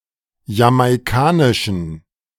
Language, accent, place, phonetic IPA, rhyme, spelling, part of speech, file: German, Germany, Berlin, [jamaɪ̯ˈkaːnɪʃn̩], -aːnɪʃn̩, jamaikanischen, adjective, De-jamaikanischen.ogg
- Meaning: inflection of jamaikanisch: 1. strong genitive masculine/neuter singular 2. weak/mixed genitive/dative all-gender singular 3. strong/weak/mixed accusative masculine singular 4. strong dative plural